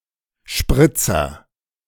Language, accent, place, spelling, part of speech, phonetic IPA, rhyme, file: German, Germany, Berlin, Spritzer, noun, [ˈʃpʁɪt͡sɐ], -ɪt͡sɐ, De-Spritzer.ogg
- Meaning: 1. splash, spatter 2. spritzer